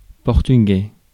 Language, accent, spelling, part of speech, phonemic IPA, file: French, France, portugais, noun / adjective, /pɔʁ.ty.ɡɛ/, Fr-portugais.ogg
- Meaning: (noun) Portuguese, the Portuguese language; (adjective) Portuguese